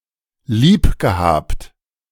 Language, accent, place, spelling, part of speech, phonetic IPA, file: German, Germany, Berlin, lieb gehabt, verb, [ˈliːp ɡəhaːpt], De-lieb gehabt.ogg
- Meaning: past participle of lieb haben